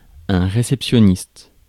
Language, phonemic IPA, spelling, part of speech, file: French, /ʁe.sɛp.sjɔ.nist/, réceptionniste, noun, Fr-réceptionniste.ogg
- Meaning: receptionist